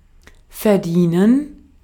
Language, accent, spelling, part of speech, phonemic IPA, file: German, Austria, verdienen, verb, /fɛɐ̯ˈdiːnən/, De-at-verdienen.ogg
- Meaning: 1. to make money, to earn 2. to deserve